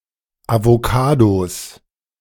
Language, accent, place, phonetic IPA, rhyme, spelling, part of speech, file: German, Germany, Berlin, [avoˈkaːdos], -aːdos, Avocados, noun, De-Avocados.ogg
- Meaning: plural of Avocado